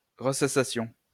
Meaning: first-person plural imperfect subjunctive of ressasser
- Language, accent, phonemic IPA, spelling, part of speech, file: French, France, /ʁə.sa.sa.sjɔ̃/, ressassassions, verb, LL-Q150 (fra)-ressassassions.wav